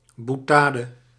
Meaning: witticism
- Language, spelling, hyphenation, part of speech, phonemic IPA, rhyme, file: Dutch, boutade, bou‧ta‧de, noun, /ˌbuˈtaː.də/, -aːdə, Nl-boutade.ogg